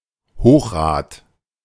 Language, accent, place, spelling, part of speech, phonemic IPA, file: German, Germany, Berlin, Hochrad, noun, /ˈhoːχˌʁaːt/, De-Hochrad.ogg
- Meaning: penny farthing